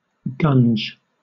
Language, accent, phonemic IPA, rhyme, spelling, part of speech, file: English, Southern England, /ɡʌnd͡ʒ/, -ʌndʒ, gunge, noun / verb, LL-Q1860 (eng)-gunge.wav
- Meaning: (noun) 1. A viscous or sticky substance, particularly an unpleasant one of vague or unknown composition; goo; gunk 2. Tholin; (verb) 1. To clog with gunge 2. To cover with gunge